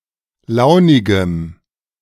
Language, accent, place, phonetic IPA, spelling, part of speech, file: German, Germany, Berlin, [ˈlaʊ̯nɪɡəm], launigem, adjective, De-launigem.ogg
- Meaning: strong dative masculine/neuter singular of launig